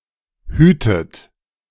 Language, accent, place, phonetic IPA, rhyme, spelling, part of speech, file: German, Germany, Berlin, [ˈhyːtət], -yːtət, hütet, verb, De-hütet.ogg
- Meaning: inflection of hüten: 1. second-person plural present 2. second-person plural subjunctive I 3. third-person singular present 4. plural imperative